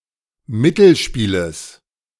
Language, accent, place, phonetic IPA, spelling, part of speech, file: German, Germany, Berlin, [ˈmɪtl̩ˌʃpiːləs], Mittelspieles, noun, De-Mittelspieles.ogg
- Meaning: genitive singular of Mittelspiel